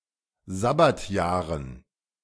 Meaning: dative plural of Sabbatjahr
- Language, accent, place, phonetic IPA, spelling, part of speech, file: German, Germany, Berlin, [ˈzabatjaːʁən], Sabbatjahren, noun, De-Sabbatjahren.ogg